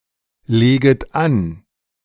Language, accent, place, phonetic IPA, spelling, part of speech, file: German, Germany, Berlin, [ˌleːɡət ˈan], leget an, verb, De-leget an.ogg
- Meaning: second-person plural subjunctive I of anlegen